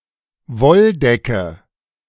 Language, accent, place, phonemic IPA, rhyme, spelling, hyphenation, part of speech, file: German, Germany, Berlin, /ˈvɔlˌdɛkə/, -ɛkə, Wolldecke, Woll‧de‧cke, noun, De-Wolldecke.ogg
- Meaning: woollen blanket